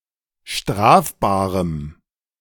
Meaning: strong dative masculine/neuter singular of strafbar
- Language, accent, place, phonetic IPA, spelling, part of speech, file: German, Germany, Berlin, [ˈʃtʁaːfbaːʁəm], strafbarem, adjective, De-strafbarem.ogg